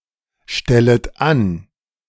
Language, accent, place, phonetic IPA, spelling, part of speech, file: German, Germany, Berlin, [ˌʃtɛlət ˈan], stellet an, verb, De-stellet an.ogg
- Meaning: second-person plural subjunctive I of anstellen